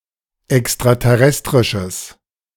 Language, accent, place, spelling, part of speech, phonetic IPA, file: German, Germany, Berlin, extraterrestrisches, adjective, [ɛkstʁatɛˈʁɛstʁɪʃəs], De-extraterrestrisches.ogg
- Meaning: strong/mixed nominative/accusative neuter singular of extraterrestrisch